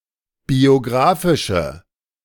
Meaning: inflection of biografisch: 1. strong/mixed nominative/accusative feminine singular 2. strong nominative/accusative plural 3. weak nominative all-gender singular
- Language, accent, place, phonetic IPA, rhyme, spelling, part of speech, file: German, Germany, Berlin, [bioˈɡʁaːfɪʃə], -aːfɪʃə, biografische, adjective, De-biografische.ogg